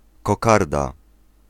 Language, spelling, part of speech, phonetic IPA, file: Polish, kokarda, noun, [kɔˈkarda], Pl-kokarda.ogg